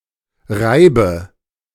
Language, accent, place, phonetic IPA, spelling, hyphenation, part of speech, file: German, Germany, Berlin, [ˈʁaɪ̯bə], Reibe, Rei‧be, noun, De-Reibe.ogg
- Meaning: grater